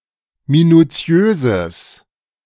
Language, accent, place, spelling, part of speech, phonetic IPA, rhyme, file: German, Germany, Berlin, minutiöses, adjective, [minuˈt͡si̯øːzəs], -øːzəs, De-minutiöses.ogg
- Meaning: strong/mixed nominative/accusative neuter singular of minutiös